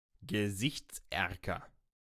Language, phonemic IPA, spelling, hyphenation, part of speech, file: German, /ɡəˈzɪçt͡sˌʔɛʁkɐ/, Gesichtserker, Ge‧sichts‧er‧ker, noun, De-Gesichtserker.ogg
- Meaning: nose